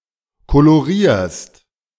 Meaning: second-person singular present of kolorieren
- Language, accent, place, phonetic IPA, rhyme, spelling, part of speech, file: German, Germany, Berlin, [koloˈʁiːɐ̯st], -iːɐ̯st, kolorierst, verb, De-kolorierst.ogg